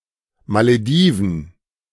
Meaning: Maldives (an archipelago and country in South Asia, located in the Indian Ocean off the coast of India)
- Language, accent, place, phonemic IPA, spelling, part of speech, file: German, Germany, Berlin, /maləˈdiːvən/, Malediven, proper noun, De-Malediven.ogg